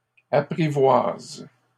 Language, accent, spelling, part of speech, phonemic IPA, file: French, Canada, apprivoise, verb, /a.pʁi.vwaz/, LL-Q150 (fra)-apprivoise.wav
- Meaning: inflection of apprivoiser: 1. first/third-person singular present indicative/subjunctive 2. second-person singular imperative